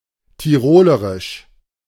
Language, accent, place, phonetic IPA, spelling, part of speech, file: German, Germany, Berlin, [tiˈʁoːləʁɪʃ], tirolerisch, adjective, De-tirolerisch.ogg
- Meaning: Tyrolean